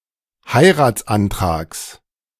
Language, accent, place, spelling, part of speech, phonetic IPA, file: German, Germany, Berlin, Heiratsantrags, noun, [ˈhaɪ̯ʁaːt͡sʔanˌtʁaːks], De-Heiratsantrags.ogg
- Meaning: genitive singular of Heiratsantrag